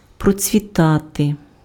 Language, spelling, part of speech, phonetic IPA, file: Ukrainian, процвітати, verb, [prɔt͡sʲʋʲiˈtate], Uk-процвітати.ogg
- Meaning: to prosper, to flourish, to thrive